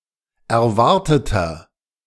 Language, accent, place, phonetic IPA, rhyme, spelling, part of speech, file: German, Germany, Berlin, [ɛɐ̯ˈvaʁtətɐ], -aʁtətɐ, erwarteter, adjective, De-erwarteter.ogg
- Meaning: inflection of erwartet: 1. strong/mixed nominative masculine singular 2. strong genitive/dative feminine singular 3. strong genitive plural